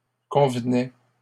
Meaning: third-person plural imperfect indicative of convenir
- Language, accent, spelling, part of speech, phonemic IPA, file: French, Canada, convenaient, verb, /kɔ̃v.nɛ/, LL-Q150 (fra)-convenaient.wav